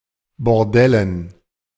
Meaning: dative plural of Bordell
- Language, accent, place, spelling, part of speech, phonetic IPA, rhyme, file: German, Germany, Berlin, Bordellen, noun, [bɔʁˈdɛlən], -ɛlən, De-Bordellen.ogg